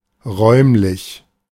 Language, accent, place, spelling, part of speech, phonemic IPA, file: German, Germany, Berlin, räumlich, adjective, /ˈʁɔʏ̯mlɪç/, De-räumlich.ogg
- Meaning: 1. spatial 2. solid, three-dimensional